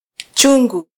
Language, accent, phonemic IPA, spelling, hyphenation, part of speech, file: Swahili, Kenya, /ˈtʃu.ᵑɡu/, chungu, chu‧ngu, noun, Sw-ke-chungu.flac
- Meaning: earthenware pot, used for cooking rice